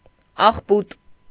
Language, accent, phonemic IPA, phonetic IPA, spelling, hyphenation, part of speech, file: Armenian, Eastern Armenian, /ɑχˈput/, [ɑχpút], աղբուտ, աղ‧բուտ, adjective / noun, Hy-աղբուտ.ogg
- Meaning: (adjective) dunged, manured; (noun) trash dump